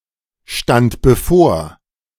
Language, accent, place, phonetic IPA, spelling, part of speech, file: German, Germany, Berlin, [ʃtant bəˈfoːɐ̯], stand bevor, verb, De-stand bevor.ogg
- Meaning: first/third-person singular preterite of bevorstehen